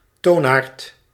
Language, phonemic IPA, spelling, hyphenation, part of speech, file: Dutch, /ˈtoːn.aːrt/, toonaard, toon‧aard, noun, Nl-toonaard.ogg
- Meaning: 1. mode (major scale or minor scale) 2. key (classical mode)